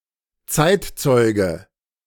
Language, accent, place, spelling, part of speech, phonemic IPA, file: German, Germany, Berlin, Zeitzeuge, noun, /ˈt͡saɪ̯tˌt͡sɔɪ̯ɡə/, De-Zeitzeuge.ogg
- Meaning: contemporary witness